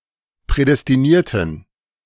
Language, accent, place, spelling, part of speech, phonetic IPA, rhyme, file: German, Germany, Berlin, prädestinierten, adjective, [ˌpʁɛdɛstiˈniːɐ̯tn̩], -iːɐ̯tn̩, De-prädestinierten.ogg
- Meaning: inflection of prädestiniert: 1. strong genitive masculine/neuter singular 2. weak/mixed genitive/dative all-gender singular 3. strong/weak/mixed accusative masculine singular 4. strong dative plural